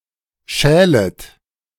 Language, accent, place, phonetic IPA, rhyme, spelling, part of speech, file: German, Germany, Berlin, [ˈʃɛːlət], -ɛːlət, schälet, verb, De-schälet.ogg
- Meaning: second-person plural subjunctive I of schälen